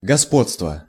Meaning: dominancy, dominance, domination, supremacy, rule
- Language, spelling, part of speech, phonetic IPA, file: Russian, господство, noun, [ɡɐˈspot͡stvə], Ru-господство.ogg